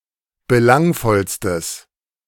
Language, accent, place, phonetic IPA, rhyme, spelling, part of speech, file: German, Germany, Berlin, [bəˈlaŋfɔlstəs], -aŋfɔlstəs, belangvollstes, adjective, De-belangvollstes.ogg
- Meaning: strong/mixed nominative/accusative neuter singular superlative degree of belangvoll